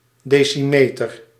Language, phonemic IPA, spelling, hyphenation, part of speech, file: Dutch, /ˈdeː.siˌmeː.tər/, decimeter, de‧ci‧me‧ter, noun, Nl-decimeter.ogg
- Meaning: decimetre: one tenth of a metre